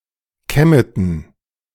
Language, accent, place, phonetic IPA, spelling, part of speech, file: German, Germany, Berlin, [ˈkɛmətn̩], Kemeten, proper noun, De-Kemeten.ogg
- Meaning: a municipality of Burgenland, Austria